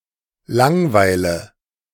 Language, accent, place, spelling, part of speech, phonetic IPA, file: German, Germany, Berlin, langweile, verb, [ˈlaŋˌvaɪ̯lə], De-langweile.ogg
- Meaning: inflection of langweilen: 1. first-person singular present 2. first/third-person singular subjunctive I 3. singular imperative